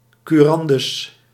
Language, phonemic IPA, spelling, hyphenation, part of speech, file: Dutch, /ˌkyˈrɑn.dʏs/, curandus, cu‧ran‧dus, noun, Nl-curandus.ogg
- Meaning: an adult person subject to a particular regime of guardianship (curatele)